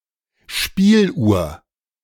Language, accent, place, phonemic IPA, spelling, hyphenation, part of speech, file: German, Germany, Berlin, /ˈʃpiːlˌʔuːɐ̯/, Spieluhr, Spiel‧uhr, noun, De-Spieluhr.ogg
- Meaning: music box